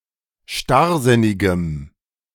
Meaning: strong dative masculine/neuter singular of starrsinnig
- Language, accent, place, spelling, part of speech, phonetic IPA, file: German, Germany, Berlin, starrsinnigem, adjective, [ˈʃtaʁˌzɪnɪɡəm], De-starrsinnigem.ogg